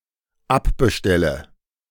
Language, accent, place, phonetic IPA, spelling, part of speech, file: German, Germany, Berlin, [ˈapbəˌʃtɛlə], abbestelle, verb, De-abbestelle.ogg
- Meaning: inflection of abbestellen: 1. first-person singular dependent present 2. first/third-person singular dependent subjunctive I